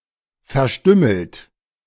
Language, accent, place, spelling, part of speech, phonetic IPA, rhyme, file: German, Germany, Berlin, verstümmelt, adjective / verb, [fɛɐ̯ˈʃtʏml̩t], -ʏml̩t, De-verstümmelt.ogg
- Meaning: past participle of verstümmeln